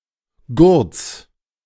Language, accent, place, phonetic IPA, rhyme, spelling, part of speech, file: German, Germany, Berlin, [ɡʊʁt͡s], -ʊʁt͡s, Gurts, noun, De-Gurts.ogg
- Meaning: genitive singular of Gurt